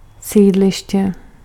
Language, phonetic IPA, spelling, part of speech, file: Czech, [ˈsiːdlɪʃcɛ], sídliště, noun, Cs-sídliště.ogg
- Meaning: housing estate, council estate